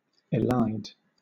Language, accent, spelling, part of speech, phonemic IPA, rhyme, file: English, Southern England, elide, verb, /ɪˈlaɪd/, -aɪd, LL-Q1860 (eng)-elide.wav
- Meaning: 1. To leave out or omit (something) 2. To cut off, as a vowel or a syllable 3. To conflate; to smear together; to blur the distinction between